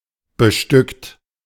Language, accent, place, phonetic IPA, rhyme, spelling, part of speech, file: German, Germany, Berlin, [bəˈʃtʏkt], -ʏkt, bestückt, verb, De-bestückt.ogg
- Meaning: 1. past participle of bestücken 2. inflection of bestücken: second-person plural present 3. inflection of bestücken: third-person singular present 4. inflection of bestücken: plural imperative